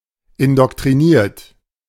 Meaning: 1. past participle of indoktrinieren 2. inflection of indoktrinieren: third-person singular present 3. inflection of indoktrinieren: second-person plural present
- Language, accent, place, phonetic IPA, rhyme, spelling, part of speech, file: German, Germany, Berlin, [ɪndɔktʁiˈniːɐ̯t], -iːɐ̯t, indoktriniert, verb, De-indoktriniert.ogg